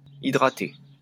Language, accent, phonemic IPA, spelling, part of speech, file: French, France, /i.dʁa.te/, hydrater, verb, LL-Q150 (fra)-hydrater.wav
- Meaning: to hydrate